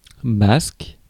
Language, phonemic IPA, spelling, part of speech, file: French, /bask/, basque, noun / adjective, Fr-basque.ogg
- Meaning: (noun) 1. skirt, skirts (of a jacket, morning coat etc.); basque (of waistcoat) 2. coattail (as in: coller aux basques, lâcher les basques) 3. A women’s coattail; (adjective) Basque